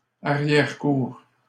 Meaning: 1. backyard (of a house) 2. rear courtyard (of a mansion etc)
- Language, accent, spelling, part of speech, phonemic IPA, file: French, Canada, arrière-cour, noun, /a.ʁjɛʁ.kuʁ/, LL-Q150 (fra)-arrière-cour.wav